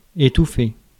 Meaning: 1. to smother, to choke 2. to stop, to inhibit, to prevent
- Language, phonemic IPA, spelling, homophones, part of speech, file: French, /e.tu.fe/, étouffer, étouffai / étouffé / étouffée / étouffées / étouffés / étouffez, verb, Fr-étouffer.ogg